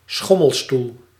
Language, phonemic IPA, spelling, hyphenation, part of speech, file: Dutch, /ˈsxɔməlstul/, schommelstoel, schom‧mel‧stoel, noun, Nl-schommelstoel.ogg
- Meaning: rocking chair